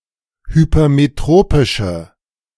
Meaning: inflection of hypermetropisch: 1. strong/mixed nominative/accusative feminine singular 2. strong nominative/accusative plural 3. weak nominative all-gender singular
- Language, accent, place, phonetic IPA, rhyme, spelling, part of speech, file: German, Germany, Berlin, [hypɐmeˈtʁoːpɪʃə], -oːpɪʃə, hypermetropische, adjective, De-hypermetropische.ogg